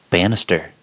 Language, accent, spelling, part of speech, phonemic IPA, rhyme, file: English, US, banister, noun / verb, /ˈbænɪstɚ/, -ænɪstɚ, En-us-banister.ogg
- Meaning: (noun) 1. The rail on the side of a staircase that a person's hand holds onto 2. One of the vertical supports of such a handrail; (verb) 1. To construct a banister 2. To act as a banister